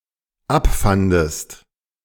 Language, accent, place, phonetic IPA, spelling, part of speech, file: German, Germany, Berlin, [ˈapˌfandəst], abfandest, verb, De-abfandest.ogg
- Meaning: second-person singular dependent preterite of abfinden